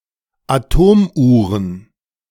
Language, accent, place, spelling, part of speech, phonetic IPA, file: German, Germany, Berlin, Atomuhren, noun, [aˈtoːmˌʔuːʁən], De-Atomuhren2.ogg
- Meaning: plural of Atomuhr